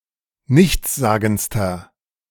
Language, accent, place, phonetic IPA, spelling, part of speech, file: German, Germany, Berlin, [ˈnɪçt͡sˌzaːɡn̩t͡stɐ], nichtssagendster, adjective, De-nichtssagendster.ogg
- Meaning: inflection of nichtssagend: 1. strong/mixed nominative masculine singular superlative degree 2. strong genitive/dative feminine singular superlative degree 3. strong genitive plural superlative degree